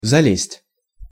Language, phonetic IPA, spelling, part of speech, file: Russian, [zɐˈlʲesʲtʲ], залезть, verb, Ru-залезть.ogg
- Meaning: 1. to climb up (finished action) 2. to get into, to scramble 3. to meddle